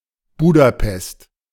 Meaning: Budapest (the capital city of Hungary)
- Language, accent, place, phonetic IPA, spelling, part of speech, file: German, Germany, Berlin, [ˈbuːdaˌpɛst], Budapest, proper noun, De-Budapest.ogg